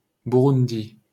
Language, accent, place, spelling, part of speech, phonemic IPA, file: French, France, Paris, Bouroundi, proper noun, /bu.ʁun.di/, LL-Q150 (fra)-Bouroundi.wav
- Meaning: rare spelling of Burundi (“Burundi (a country in East Africa)”)